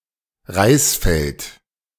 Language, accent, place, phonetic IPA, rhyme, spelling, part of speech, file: German, Germany, Berlin, [ˈʁaɪ̯sˌfɛlt], -aɪ̯sfɛlt, Reisfeld, noun, De-Reisfeld.ogg
- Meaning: paddy field